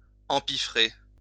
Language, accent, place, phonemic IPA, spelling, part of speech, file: French, France, Lyon, /ɑ̃.pi.fʁe/, empiffrer, verb, LL-Q150 (fra)-empiffrer.wav
- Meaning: to stuff oneself, to binge